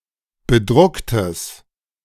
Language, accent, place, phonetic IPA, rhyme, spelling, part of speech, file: German, Germany, Berlin, [bəˈdʁʊktəs], -ʊktəs, bedrucktes, adjective, De-bedrucktes.ogg
- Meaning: strong/mixed nominative/accusative neuter singular of bedruckt